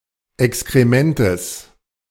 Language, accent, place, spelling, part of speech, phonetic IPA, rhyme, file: German, Germany, Berlin, Exkrementes, noun, [ɛkskʁeˈmɛntəs], -ɛntəs, De-Exkrementes.ogg
- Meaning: genitive singular of Exkrement